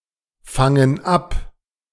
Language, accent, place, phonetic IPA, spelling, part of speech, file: German, Germany, Berlin, [ˌfaŋən ˈap], fangen ab, verb, De-fangen ab.ogg
- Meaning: inflection of abfangen: 1. first/third-person plural present 2. first/third-person plural subjunctive I